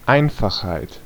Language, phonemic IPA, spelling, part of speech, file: German, /ˈaɪ̯nfaxhaɪ̯t/, Einfachheit, noun, De-Einfachheit.ogg
- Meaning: simplicity